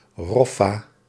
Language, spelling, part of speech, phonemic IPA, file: Dutch, Roffa, proper noun, /ˈrɔfa/, Nl-Roffa.ogg
- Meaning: Rotterdam